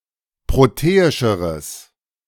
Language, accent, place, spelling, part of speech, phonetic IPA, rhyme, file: German, Germany, Berlin, proteischeres, adjective, [ˌpʁoˈteːɪʃəʁəs], -eːɪʃəʁəs, De-proteischeres.ogg
- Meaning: strong/mixed nominative/accusative neuter singular comparative degree of proteisch